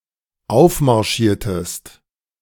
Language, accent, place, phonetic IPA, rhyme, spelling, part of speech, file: German, Germany, Berlin, [ˈaʊ̯fmaʁˌʃiːɐ̯təst], -aʊ̯fmaʁʃiːɐ̯təst, aufmarschiertest, verb, De-aufmarschiertest.ogg
- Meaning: inflection of aufmarschieren: 1. second-person singular dependent preterite 2. second-person singular dependent subjunctive II